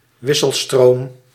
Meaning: alternating current
- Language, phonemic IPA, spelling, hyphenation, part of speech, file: Dutch, /ˈwɪsəlˌstrom/, wisselstroom, wis‧sel‧stroom, noun, Nl-wisselstroom.ogg